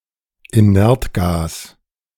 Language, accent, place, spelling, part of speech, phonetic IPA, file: German, Germany, Berlin, Inertgas, noun, [iˈnɛʁtˌɡaːs], De-Inertgas.ogg
- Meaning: inert gas